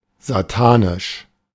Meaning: satanic
- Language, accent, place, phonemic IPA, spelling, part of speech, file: German, Germany, Berlin, /zaˈtaːnɪʃ/, satanisch, adjective, De-satanisch.ogg